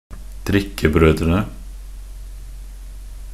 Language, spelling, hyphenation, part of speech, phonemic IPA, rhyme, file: Norwegian Bokmål, drikkebrødrene, drik‧ke‧brø‧dre‧ne, noun, /ˈdrɪkːəbrœdrənə/, -ənə, Nb-drikkebrødrene.ogg
- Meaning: definite plural of drikkebror